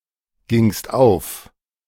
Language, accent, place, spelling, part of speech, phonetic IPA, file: German, Germany, Berlin, gingst auf, verb, [ˌɡɪŋst ˈaʊ̯f], De-gingst auf.ogg
- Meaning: second-person singular preterite of aufgehen